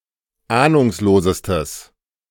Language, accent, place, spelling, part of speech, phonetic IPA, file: German, Germany, Berlin, ahnungslosestes, adjective, [ˈaːnʊŋsloːzəstəs], De-ahnungslosestes.ogg
- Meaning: strong/mixed nominative/accusative neuter singular superlative degree of ahnungslos